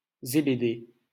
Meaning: Zebedee
- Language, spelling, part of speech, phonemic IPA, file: French, Zébédée, proper noun, /ze.be.de/, LL-Q150 (fra)-Zébédée.wav